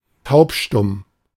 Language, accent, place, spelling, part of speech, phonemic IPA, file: German, Germany, Berlin, taubstumm, adjective, /ˈtaʊpʃtʊm/, De-taubstumm.ogg
- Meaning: deaf-mute (unable to hear or speak)